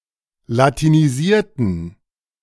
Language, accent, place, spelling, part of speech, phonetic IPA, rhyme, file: German, Germany, Berlin, latinisierten, adjective / verb, [latiniˈziːɐ̯tn̩], -iːɐ̯tn̩, De-latinisierten.ogg
- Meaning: inflection of latinisieren: 1. first/third-person plural preterite 2. first/third-person plural subjunctive II